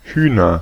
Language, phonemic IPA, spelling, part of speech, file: German, /ˈhyːnɐ/, Hühner, noun, De-Hühner.ogg
- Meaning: 1. nominative/accusative/genitive plural chicken of Huhn 2. a loud group of women